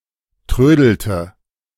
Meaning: inflection of trödeln: 1. first/third-person singular preterite 2. first/third-person singular subjunctive II
- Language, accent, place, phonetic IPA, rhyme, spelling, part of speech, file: German, Germany, Berlin, [ˈtʁøːdl̩tə], -øːdl̩tə, trödelte, verb, De-trödelte.ogg